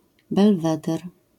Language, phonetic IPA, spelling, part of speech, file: Polish, [bɛlˈvɛdɛr], belweder, noun, LL-Q809 (pol)-belweder.wav